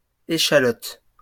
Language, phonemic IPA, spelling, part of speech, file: French, /e.ʃa.lɔt/, échalotes, noun, LL-Q150 (fra)-échalotes.wav
- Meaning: plural of échalote